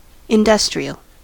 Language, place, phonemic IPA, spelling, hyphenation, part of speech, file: English, California, /ɪnˈdʌs.tɹi.əl/, industrial, in‧du‧stri‧al, adjective / noun, En-us-industrial.ogg
- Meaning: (adjective) 1. Of or relating to industry, notably manufacturing 2. Produced by such industry 3. Used by such industry 4. Suitable for use in such industry; industrial-grade